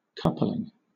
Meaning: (noun) 1. The act of joining together to form a couple 2. A device that couples two things together 3. The degree of reliance between two or more software modules
- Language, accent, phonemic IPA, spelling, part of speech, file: English, Southern England, /ˈkʌplɪŋ/, coupling, noun / verb, LL-Q1860 (eng)-coupling.wav